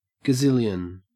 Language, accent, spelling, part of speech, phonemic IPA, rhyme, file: English, Australia, gazillion, noun, /ɡəˈzɪljən/, -ɪljən, En-au-gazillion.ogg
- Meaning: An unspecified large number (of)